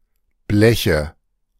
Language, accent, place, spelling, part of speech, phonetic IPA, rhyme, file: German, Germany, Berlin, Bleche, noun, [ˈblɛçə], -ɛçə, De-Bleche.ogg
- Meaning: nominative/accusative/genitive plural of Blech